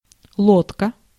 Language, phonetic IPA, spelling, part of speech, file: Russian, [ˈɫotkə], лодка, noun, Ru-лодка.ogg
- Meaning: boat, dinghy, gig, yawl (a small vessel, often propelled by oars or paddles)